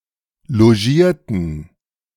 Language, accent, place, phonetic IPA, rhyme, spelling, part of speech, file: German, Germany, Berlin, [loˈʒiːɐ̯tn̩], -iːɐ̯tn̩, logierten, adjective / verb, De-logierten.ogg
- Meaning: inflection of logieren: 1. first/third-person plural preterite 2. first/third-person plural subjunctive II